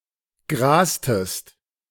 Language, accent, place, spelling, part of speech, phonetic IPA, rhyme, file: German, Germany, Berlin, grastest, verb, [ˈɡʁaːstəst], -aːstəst, De-grastest.ogg
- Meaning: inflection of grasen: 1. second-person singular preterite 2. second-person singular subjunctive II